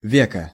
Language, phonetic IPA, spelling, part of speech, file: Russian, [ˈvʲekə], веко, noun, Ru-веко.ogg
- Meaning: eyelid